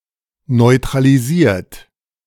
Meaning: 1. past participle of neutralisieren 2. inflection of neutralisieren: third-person singular present 3. inflection of neutralisieren: second-person plural present
- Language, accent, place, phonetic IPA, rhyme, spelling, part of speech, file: German, Germany, Berlin, [nɔɪ̯tʁaliˈziːɐ̯t], -iːɐ̯t, neutralisiert, verb, De-neutralisiert.ogg